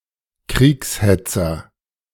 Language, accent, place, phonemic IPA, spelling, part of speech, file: German, Germany, Berlin, /ˈkʁiːks.hɛt͡sɐ/, Kriegshetzer, noun, De-Kriegshetzer.ogg
- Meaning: warmonger (someone who advocates war)